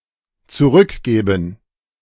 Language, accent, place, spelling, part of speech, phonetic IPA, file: German, Germany, Berlin, zurückgäben, verb, [t͡suˈʁʏkˌɡɛːbn̩], De-zurückgäben.ogg
- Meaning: first/third-person plural dependent subjunctive II of zurückgeben